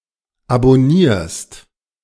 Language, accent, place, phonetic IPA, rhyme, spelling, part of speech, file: German, Germany, Berlin, [abɔˈniːɐ̯st], -iːɐ̯st, abonnierst, verb, De-abonnierst.ogg
- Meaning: second-person singular present of abonnieren